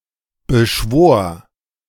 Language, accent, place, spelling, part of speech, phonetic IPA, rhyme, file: German, Germany, Berlin, beschwor, verb, [bəˈʃvoːɐ̯], -oːɐ̯, De-beschwor.ogg
- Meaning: first/third-person singular preterite of beschwören